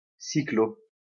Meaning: clipping of cyclorandonneur
- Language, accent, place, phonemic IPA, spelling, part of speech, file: French, France, Lyon, /si.klo/, cyclo, noun, LL-Q150 (fra)-cyclo.wav